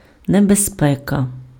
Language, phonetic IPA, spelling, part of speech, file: Ukrainian, [nebezˈpɛkɐ], небезпека, noun, Uk-небезпека.ogg
- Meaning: danger (exposure to or instance of liable harm)